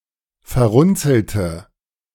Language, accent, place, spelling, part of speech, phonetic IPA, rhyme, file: German, Germany, Berlin, verrunzelte, adjective / verb, [fɛɐ̯ˈʁʊnt͡sl̩tə], -ʊnt͡sl̩tə, De-verrunzelte.ogg
- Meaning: inflection of verrunzelt: 1. strong/mixed nominative/accusative feminine singular 2. strong nominative/accusative plural 3. weak nominative all-gender singular